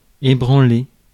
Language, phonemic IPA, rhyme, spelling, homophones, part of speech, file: French, /e.bʁɑ̃.le/, -e, ébranler, ébranlé / ébranlée / ébranlées / ébranlés / ébranlez, verb, Fr-ébranler.ogg
- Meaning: 1. to shake, rattle 2. to weaken (health), disturb, unhinge (spirits) 3. to move off, set off (of vehicle)